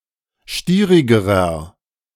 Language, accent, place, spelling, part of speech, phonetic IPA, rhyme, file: German, Germany, Berlin, stierigerer, adjective, [ˈʃtiːʁɪɡəʁɐ], -iːʁɪɡəʁɐ, De-stierigerer.ogg
- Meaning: inflection of stierig: 1. strong/mixed nominative masculine singular comparative degree 2. strong genitive/dative feminine singular comparative degree 3. strong genitive plural comparative degree